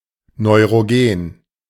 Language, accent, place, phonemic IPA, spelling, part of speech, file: German, Germany, Berlin, /nɔɪ̯ʁoˈɡeːn/, neurogen, adjective, De-neurogen.ogg
- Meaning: neurogenic